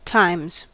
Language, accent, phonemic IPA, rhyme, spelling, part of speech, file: English, US, /taɪmz/, -aɪmz, times, noun / preposition / verb, En-us-times.ogg
- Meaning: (noun) 1. plural of time 2. The circumstances of a certain time 3. A person's experiences or biography; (preposition) Multiplied by (see also 'ratio of comparison' sense at 'time')